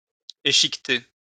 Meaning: to divide (esp. a coat of arms) into a chequered pattern
- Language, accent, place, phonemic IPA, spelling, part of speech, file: French, France, Lyon, /e.ʃik.te/, échiqueter, verb, LL-Q150 (fra)-échiqueter.wav